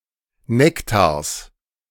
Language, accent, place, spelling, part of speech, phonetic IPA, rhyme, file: German, Germany, Berlin, Nektars, noun, [ˈnɛktaːɐ̯s], -ɛktaːɐ̯s, De-Nektars.ogg
- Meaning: genitive singular of Nektar